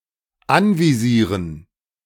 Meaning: to target
- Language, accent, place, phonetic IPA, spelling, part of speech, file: German, Germany, Berlin, [ˈanviˌziːʁən], anvisieren, verb, De-anvisieren.ogg